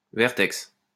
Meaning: vertex
- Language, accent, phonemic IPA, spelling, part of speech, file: French, France, /vɛʁ.tɛks/, vertex, noun, LL-Q150 (fra)-vertex.wav